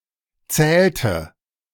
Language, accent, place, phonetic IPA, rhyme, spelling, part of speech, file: German, Germany, Berlin, [ˈt͡sɛːltə], -ɛːltə, zählte, verb, De-zählte.ogg
- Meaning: inflection of zählen: 1. first/third-person singular preterite 2. first/third-person singular subjunctive II